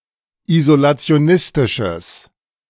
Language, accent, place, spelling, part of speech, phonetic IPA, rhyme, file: German, Germany, Berlin, isolationistisches, adjective, [izolat͡si̯oˈnɪstɪʃəs], -ɪstɪʃəs, De-isolationistisches.ogg
- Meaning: strong/mixed nominative/accusative neuter singular of isolationistisch